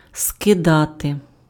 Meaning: 1. to throw off, to cast off 2. to drop, to shed, to dump, to jettison 3. to overthrow (:government)
- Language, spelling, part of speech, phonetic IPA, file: Ukrainian, скидати, verb, [skeˈdate], Uk-скидати.ogg